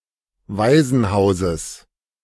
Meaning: genitive singular of Waisenhaus
- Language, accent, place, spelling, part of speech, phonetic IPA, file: German, Germany, Berlin, Waisenhauses, noun, [ˈvaɪ̯zn̩ˌhaʊ̯zəs], De-Waisenhauses.ogg